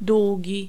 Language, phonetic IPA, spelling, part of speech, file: Polish, [ˈdwuɟi], długi, adjective / noun, Pl-długi.ogg